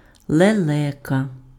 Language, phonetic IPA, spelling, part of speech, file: Ukrainian, [ɫeˈɫɛkɐ], лелека, noun, Uk-лелека.ogg
- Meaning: stork